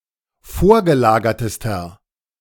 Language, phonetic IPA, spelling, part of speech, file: German, [ˈfoːɐ̯ɡəˌlaːɡɐtəstɐ], vorgelagertester, adjective, De-vorgelagertester.ogg